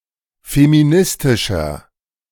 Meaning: 1. comparative degree of feministisch 2. inflection of feministisch: strong/mixed nominative masculine singular 3. inflection of feministisch: strong genitive/dative feminine singular
- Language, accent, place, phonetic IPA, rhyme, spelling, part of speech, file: German, Germany, Berlin, [femiˈnɪstɪʃɐ], -ɪstɪʃɐ, feministischer, adjective, De-feministischer.ogg